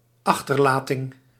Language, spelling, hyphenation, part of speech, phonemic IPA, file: Dutch, achterlating, ach‧ter‧la‧ting, noun, /ˈɑx.tər.laː.tɪŋ/, Nl-achterlating.ogg
- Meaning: abandonment